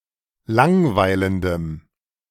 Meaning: strong dative masculine/neuter singular of langweilend
- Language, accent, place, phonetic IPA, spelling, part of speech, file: German, Germany, Berlin, [ˈlaŋˌvaɪ̯ləndəm], langweilendem, adjective, De-langweilendem.ogg